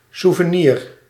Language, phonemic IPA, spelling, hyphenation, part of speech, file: Dutch, /su.vəˈnir/, souvenir, sou‧ve‧nir, noun, Nl-souvenir.ogg
- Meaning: souvenir